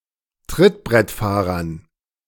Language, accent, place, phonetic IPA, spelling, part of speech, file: German, Germany, Berlin, [ˈtʁɪtbʁɛtˌfaːʁɐn], Trittbrettfahrern, noun, De-Trittbrettfahrern.ogg
- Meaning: dative plural of Trittbrettfahrer